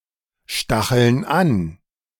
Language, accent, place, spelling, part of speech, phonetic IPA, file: German, Germany, Berlin, stacheln an, verb, [ˌʃtaxl̩n ˈan], De-stacheln an.ogg
- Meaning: inflection of anstacheln: 1. first/third-person plural present 2. first/third-person plural subjunctive I